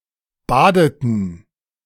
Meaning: inflection of baden: 1. first/third-person plural preterite 2. first/third-person plural subjunctive II
- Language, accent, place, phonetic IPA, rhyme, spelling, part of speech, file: German, Germany, Berlin, [ˈbaːdətn̩], -aːdətn̩, badeten, verb, De-badeten.ogg